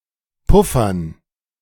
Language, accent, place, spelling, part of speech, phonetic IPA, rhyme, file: German, Germany, Berlin, Puffern, noun, [ˈpʊfɐn], -ʊfɐn, De-Puffern.ogg
- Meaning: dative plural of Puffer